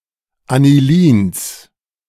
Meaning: genitive singular of Anilin
- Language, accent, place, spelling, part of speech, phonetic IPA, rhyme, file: German, Germany, Berlin, Anilins, noun, [aniˈliːns], -iːns, De-Anilins.ogg